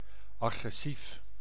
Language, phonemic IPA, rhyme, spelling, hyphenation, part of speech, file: Dutch, /ˌɑ.ɣrɛˈsif/, -if, agressief, agres‧sief, adjective, Nl-agressief.ogg
- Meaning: aggressive